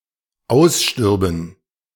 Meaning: first/third-person plural dependent subjunctive II of aussterben
- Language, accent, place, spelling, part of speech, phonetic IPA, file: German, Germany, Berlin, ausstürben, verb, [ˈaʊ̯sˌʃtʏʁbn̩], De-ausstürben.ogg